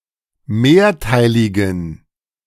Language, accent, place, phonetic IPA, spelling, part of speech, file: German, Germany, Berlin, [ˈmeːɐ̯ˌtaɪ̯lɪɡn̩], mehrteiligen, adjective, De-mehrteiligen.ogg
- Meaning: inflection of mehrteilig: 1. strong genitive masculine/neuter singular 2. weak/mixed genitive/dative all-gender singular 3. strong/weak/mixed accusative masculine singular 4. strong dative plural